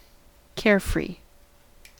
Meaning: Without cares or worries; free of concern or worries; without difficulty
- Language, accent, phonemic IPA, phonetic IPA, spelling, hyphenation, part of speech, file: English, US, /ˈkɛɚfɹi/, [ˈkɛɹ̩fɹɪi̯], carefree, care‧free, adjective, En-us-carefree.ogg